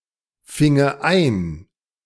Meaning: first/third-person singular subjunctive II of einfangen
- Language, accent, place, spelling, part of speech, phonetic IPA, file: German, Germany, Berlin, finge ein, verb, [ˌfɪŋə ˈaɪ̯n], De-finge ein.ogg